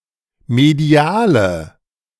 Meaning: inflection of medial: 1. strong/mixed nominative/accusative feminine singular 2. strong nominative/accusative plural 3. weak nominative all-gender singular 4. weak accusative feminine/neuter singular
- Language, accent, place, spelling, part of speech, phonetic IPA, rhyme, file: German, Germany, Berlin, mediale, adjective, [meˈdi̯aːlə], -aːlə, De-mediale.ogg